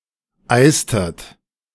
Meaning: inflection of eisen: 1. second-person plural preterite 2. second-person plural subjunctive II
- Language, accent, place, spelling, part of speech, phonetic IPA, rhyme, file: German, Germany, Berlin, eistet, verb, [ˈaɪ̯stət], -aɪ̯stət, De-eistet.ogg